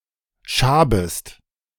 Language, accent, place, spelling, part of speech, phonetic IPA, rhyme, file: German, Germany, Berlin, schabest, verb, [ˈʃaːbəst], -aːbəst, De-schabest.ogg
- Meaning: second-person singular subjunctive I of schaben